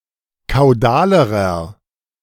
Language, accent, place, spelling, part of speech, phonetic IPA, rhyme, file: German, Germany, Berlin, kaudalerer, adjective, [kaʊ̯ˈdaːləʁɐ], -aːləʁɐ, De-kaudalerer.ogg
- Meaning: inflection of kaudal: 1. strong/mixed nominative masculine singular comparative degree 2. strong genitive/dative feminine singular comparative degree 3. strong genitive plural comparative degree